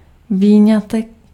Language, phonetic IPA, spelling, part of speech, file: Czech, [ˈviːɲatɛk], výňatek, noun, Cs-výňatek.ogg
- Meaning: excerpt